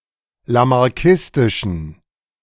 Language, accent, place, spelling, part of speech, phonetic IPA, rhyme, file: German, Germany, Berlin, lamarckistischen, adjective, [lamaʁˈkɪstɪʃn̩], -ɪstɪʃn̩, De-lamarckistischen.ogg
- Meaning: inflection of lamarckistisch: 1. strong genitive masculine/neuter singular 2. weak/mixed genitive/dative all-gender singular 3. strong/weak/mixed accusative masculine singular 4. strong dative plural